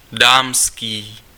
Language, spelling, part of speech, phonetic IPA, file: Czech, dámský, adjective, [ˈdaːmskiː], Cs-dámský.ogg
- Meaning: ladies', female